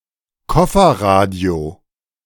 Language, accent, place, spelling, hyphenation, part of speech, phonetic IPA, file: German, Germany, Berlin, Kofferradio, Kof‧fer‧ra‧dio, noun, [ˈkɔfɐˌʁaːdi̯o], De-Kofferradio.ogg
- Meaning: transistor radio (a portable radio receiver)